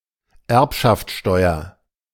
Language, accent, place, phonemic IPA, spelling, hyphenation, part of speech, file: German, Germany, Berlin, /ˈɛʁpʃaftˌʃtɔɪ̯ɐ/, Erbschaftsteuer, Erb‧schaft‧steu‧er, noun, De-Erbschaftsteuer.ogg
- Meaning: alternative form of Erbschaftssteuer